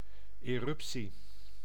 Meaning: eruption
- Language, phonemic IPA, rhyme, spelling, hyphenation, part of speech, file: Dutch, /ˌeːˈrʏp.si/, -ʏpsi, eruptie, erup‧tie, noun, Nl-eruptie.ogg